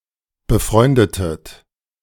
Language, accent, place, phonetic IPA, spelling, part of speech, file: German, Germany, Berlin, [bəˈfʁɔɪ̯ndətət], befreundetet, verb, De-befreundetet.ogg
- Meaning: inflection of befreunden: 1. second-person plural preterite 2. second-person plural subjunctive II